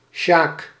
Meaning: a male given name, variant of Jakob
- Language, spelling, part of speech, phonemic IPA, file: Dutch, Sjaak, proper noun, /ʃaːk/, Nl-Sjaak.ogg